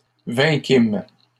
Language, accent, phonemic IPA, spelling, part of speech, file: French, Canada, /vɛ̃.kim/, vainquîmes, verb, LL-Q150 (fra)-vainquîmes.wav
- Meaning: first-person plural past historic of vaincre